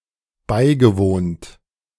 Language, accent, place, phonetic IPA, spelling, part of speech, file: German, Germany, Berlin, [ˈbaɪ̯ɡəˌvoːnt], beigewohnt, verb, De-beigewohnt.ogg
- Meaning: past participle of beiwohnen